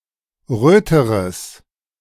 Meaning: strong/mixed nominative/accusative neuter singular comparative degree of rot
- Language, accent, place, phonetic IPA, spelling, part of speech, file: German, Germany, Berlin, [ˈʁøːtəʁəs], röteres, adjective, De-röteres.ogg